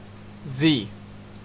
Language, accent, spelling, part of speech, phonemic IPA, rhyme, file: English, Canada, zee, noun / verb, /ziː/, -iː, En-ca-zee.ogg
- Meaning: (noun) 1. The name of the Latin script letter Z/z 2. Something Z-shaped. Found in compounds 3. Sleep; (verb) To sleep or nap. (Compare zzz, catch some z's.)